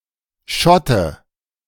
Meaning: 1. Scot; Scotsman 2. sperling (young herring) 3. whey
- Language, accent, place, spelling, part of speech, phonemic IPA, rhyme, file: German, Germany, Berlin, Schotte, noun, /ˈʃɔtə/, -ɔtə, De-Schotte.ogg